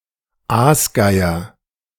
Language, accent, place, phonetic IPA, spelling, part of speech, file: German, Germany, Berlin, [ˈaːsˌɡaɪ̯ɐ], Aasgeier, noun, De-Aasgeier2.ogg
- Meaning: 1. vulture (especially the Egyptian vulture or the griffon vulture) 2. vulture in the figurative sense, one who profits off of the suffering of others